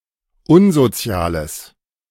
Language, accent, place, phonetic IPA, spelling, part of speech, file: German, Germany, Berlin, [ˈʊnzoˌt͡si̯aːləs], unsoziales, adjective, De-unsoziales.ogg
- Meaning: strong/mixed nominative/accusative neuter singular of unsozial